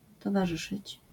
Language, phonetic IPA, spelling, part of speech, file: Polish, [ˌtɔvaˈʒɨʃɨt͡ɕ], towarzyszyć, verb, LL-Q809 (pol)-towarzyszyć.wav